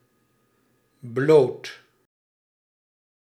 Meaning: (adjective) 1. bare, naked, nude 2. unprotected, uncovered 3. unaided 4. simple, uncomplicated; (noun) 1. nakedness, especially as art subject or in porn 2. alternative form of ploot
- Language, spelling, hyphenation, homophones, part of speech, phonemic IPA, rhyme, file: Dutch, bloot, bloot, blood, adjective / noun, /bloːt/, -oːt, Nl-bloot.ogg